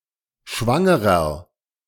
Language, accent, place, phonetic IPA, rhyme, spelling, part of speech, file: German, Germany, Berlin, [ˈʃvaŋəʁɐ], -aŋəʁɐ, schwangerer, adjective, De-schwangerer.ogg
- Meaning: inflection of schwanger: 1. strong/mixed nominative masculine singular 2. strong genitive/dative feminine singular 3. strong genitive plural